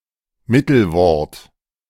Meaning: participle
- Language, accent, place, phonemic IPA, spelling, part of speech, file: German, Germany, Berlin, /ˈmitl̩ˌvɔʁt/, Mittelwort, noun, De-Mittelwort.ogg